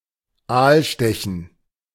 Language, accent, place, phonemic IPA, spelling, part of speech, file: German, Germany, Berlin, /ˈaːlˌʃtɛçn̩/, Aalstechen, noun, De-Aalstechen.ogg
- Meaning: eel spearing